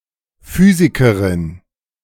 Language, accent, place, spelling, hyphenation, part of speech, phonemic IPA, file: German, Germany, Berlin, Physikerin, Phy‧si‧ke‧rin, noun, /ˈfyːzikɐʁɪn/, De-Physikerin.ogg
- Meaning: female equivalent of Physiker (“physicist”)